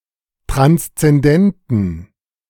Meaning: inflection of transzendent: 1. strong genitive masculine/neuter singular 2. weak/mixed genitive/dative all-gender singular 3. strong/weak/mixed accusative masculine singular 4. strong dative plural
- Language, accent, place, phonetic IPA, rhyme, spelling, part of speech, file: German, Germany, Berlin, [ˌtʁanst͡sɛnˈdɛntn̩], -ɛntn̩, transzendenten, adjective, De-transzendenten.ogg